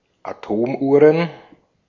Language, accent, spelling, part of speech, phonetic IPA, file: German, Austria, Atomuhren, noun, [aˈtoːmˌʔuːʁən], De-at-Atomuhren.ogg
- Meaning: plural of Atomuhr